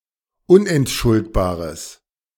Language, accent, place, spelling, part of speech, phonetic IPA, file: German, Germany, Berlin, unentschuldbares, adjective, [ˈʊnʔɛntˌʃʊltbaːʁəs], De-unentschuldbares.ogg
- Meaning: strong/mixed nominative/accusative neuter singular of unentschuldbar